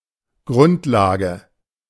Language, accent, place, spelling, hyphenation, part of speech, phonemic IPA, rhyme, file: German, Germany, Berlin, Grundlage, Grund‧la‧ge, noun, /ˈɡʁʊntˌlaːɡə/, -aːɡə, De-Grundlage.ogg
- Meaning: 1. foundation 2. basis 3. groundwork